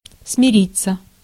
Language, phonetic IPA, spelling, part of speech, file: Russian, [smʲɪˈrʲit͡sːə], смириться, verb, Ru-смириться.ogg
- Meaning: 1. to become reconciled 2. to give in 3. passive of смири́ть (smirítʹ)